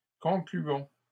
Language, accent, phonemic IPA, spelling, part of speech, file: French, Canada, /kɔ̃.kly.ɔ̃/, concluons, verb, LL-Q150 (fra)-concluons.wav
- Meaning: inflection of conclure: 1. first-person plural present indicative 2. first-person plural imperative